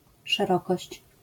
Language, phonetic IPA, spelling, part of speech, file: Polish, [ʃɛˈrɔkɔɕt͡ɕ], szerokość, noun, LL-Q809 (pol)-szerokość.wav